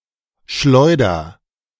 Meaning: inflection of schleudern: 1. first-person singular present 2. singular imperative
- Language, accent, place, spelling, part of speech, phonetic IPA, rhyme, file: German, Germany, Berlin, schleuder, verb, [ˈʃlɔɪ̯dɐ], -ɔɪ̯dɐ, De-schleuder.ogg